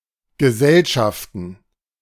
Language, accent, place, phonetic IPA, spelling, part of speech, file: German, Germany, Berlin, [ɡəˈzɛlʃaftn̩], Gesellschaften, noun, De-Gesellschaften.ogg
- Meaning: plural of Gesellschaft